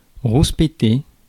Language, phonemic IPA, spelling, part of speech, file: French, /ʁus.pe.te/, rouspéter, verb, Fr-rouspéter.ogg
- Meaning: to grumble